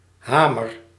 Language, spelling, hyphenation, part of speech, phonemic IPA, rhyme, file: Dutch, hamer, ha‧mer, noun / verb, /ˈɦaː.mər/, -aːmər, Nl-hamer.ogg
- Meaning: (noun) hammer; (verb) inflection of hameren: 1. first-person singular present indicative 2. second-person singular present indicative 3. imperative